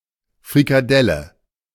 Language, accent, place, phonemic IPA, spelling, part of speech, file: German, Germany, Berlin, /fʁikaˈdɛlə/, Frikadelle, noun, De-Frikadelle.ogg
- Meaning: frikadelle, rissole, fried meatball